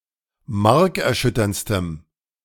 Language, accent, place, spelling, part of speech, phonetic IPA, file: German, Germany, Berlin, markerschütterndstem, adjective, [ˈmaʁkɛɐ̯ˌʃʏtɐnt͡stəm], De-markerschütterndstem.ogg
- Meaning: strong dative masculine/neuter singular superlative degree of markerschütternd